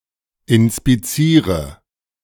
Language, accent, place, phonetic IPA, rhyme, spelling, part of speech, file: German, Germany, Berlin, [ɪnspiˈt͡siːʁə], -iːʁə, inspiziere, verb, De-inspiziere.ogg
- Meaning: inflection of inspizieren: 1. first-person singular present 2. singular imperative 3. first/third-person singular subjunctive I